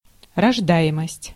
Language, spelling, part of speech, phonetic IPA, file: Russian, рождаемость, noun, [rɐʐˈda(j)ɪməsʲtʲ], Ru-рождаемость.ogg
- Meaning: birthrate